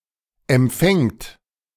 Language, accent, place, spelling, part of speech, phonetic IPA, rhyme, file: German, Germany, Berlin, empfängt, verb, [ɛmˈp͡fɛŋt], -ɛŋt, De-empfängt.ogg
- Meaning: third-person singular present of empfangen